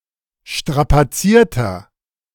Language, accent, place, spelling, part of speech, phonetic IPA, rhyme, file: German, Germany, Berlin, strapazierter, adjective, [ˌʃtʁapaˈt͡siːɐ̯tɐ], -iːɐ̯tɐ, De-strapazierter.ogg
- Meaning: 1. comparative degree of strapaziert 2. inflection of strapaziert: strong/mixed nominative masculine singular 3. inflection of strapaziert: strong genitive/dative feminine singular